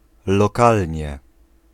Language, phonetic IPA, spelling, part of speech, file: Polish, [lɔˈkalʲɲɛ], lokalnie, adverb, Pl-lokalnie.ogg